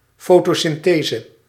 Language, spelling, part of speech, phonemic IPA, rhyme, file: Dutch, fotosynthese, noun, /ˌfoː.toː.sɪnˈteː.zə/, -eːzə, Nl-fotosynthese.ogg
- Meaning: photosynthesis